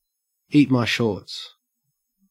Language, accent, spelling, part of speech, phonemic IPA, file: English, Australia, eat my shorts, phrase, /ˈiːt maɪ ˈʃɔːɹts/, En-au-eat my shorts.ogg
- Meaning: An irreverent rebuke or dismissal